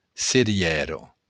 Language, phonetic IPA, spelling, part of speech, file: Occitan, [seˈɾjɛɾo], cerièra, noun, LL-Q942602-cerièra.wav
- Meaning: cherry (fruit)